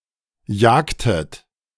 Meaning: inflection of jagen: 1. second-person plural preterite 2. second-person plural subjunctive II
- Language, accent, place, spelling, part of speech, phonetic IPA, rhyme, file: German, Germany, Berlin, jagtet, verb, [ˈjaːktət], -aːktət, De-jagtet.ogg